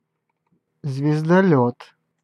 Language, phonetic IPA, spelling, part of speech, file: Russian, [zvʲɪzdɐˈlʲɵt], звездолёт, noun, Ru-звездолёт.ogg
- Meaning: starship